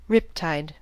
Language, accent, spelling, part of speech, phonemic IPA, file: English, US, riptide, noun, /ˈɹɪp.taɪd/, En-us-riptide.ogg
- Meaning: 1. A particularly strong tidal current 2. A rip current which may carry a swimmer offshore